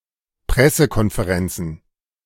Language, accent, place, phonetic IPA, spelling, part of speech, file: German, Germany, Berlin, [ˈpʁɛsəkɔnfeˌʁɛnt͡sn̩], Pressekonferenzen, noun, De-Pressekonferenzen.ogg
- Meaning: plural of Pressekonferenz